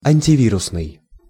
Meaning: antiviral
- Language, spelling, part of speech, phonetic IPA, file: Russian, антивирусный, adjective, [ˌanʲtʲɪˈvʲirʊsnɨj], Ru-антивирусный.ogg